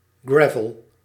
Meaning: claycourt (surface for playing tennis)
- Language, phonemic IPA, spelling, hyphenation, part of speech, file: Dutch, /ˈgrɛ.vɔɫ/, gravel, gra‧vel, noun, Nl-gravel.ogg